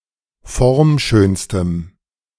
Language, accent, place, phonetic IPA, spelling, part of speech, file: German, Germany, Berlin, [ˈfɔʁmˌʃøːnstəm], formschönstem, adjective, De-formschönstem.ogg
- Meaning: strong dative masculine/neuter singular superlative degree of formschön